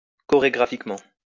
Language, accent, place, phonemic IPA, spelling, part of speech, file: French, France, Lyon, /kɔ.ʁe.ɡʁa.fik.mɑ̃/, chorégraphiquement, adverb, LL-Q150 (fra)-chorégraphiquement.wav
- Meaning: choreographically